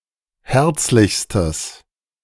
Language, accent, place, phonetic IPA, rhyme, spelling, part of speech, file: German, Germany, Berlin, [ˈhɛʁt͡slɪçstəs], -ɛʁt͡slɪçstəs, herzlichstes, adjective, De-herzlichstes.ogg
- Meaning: strong/mixed nominative/accusative neuter singular superlative degree of herzlich